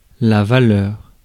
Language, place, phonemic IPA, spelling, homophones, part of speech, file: French, Paris, /va.lœʁ/, valeur, valeurs, noun, Fr-valeur.ogg
- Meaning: 1. value, worth 2. valor, gallantry 3. quality, character